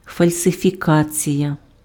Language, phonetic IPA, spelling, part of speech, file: Ukrainian, [fɐlʲsefʲiˈkat͡sʲijɐ], фальсифікація, noun, Uk-фальсифікація.ogg
- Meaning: 1. falsification (act of producing fake things or untrue representations) 2. falsification (fake thing or untrue representation)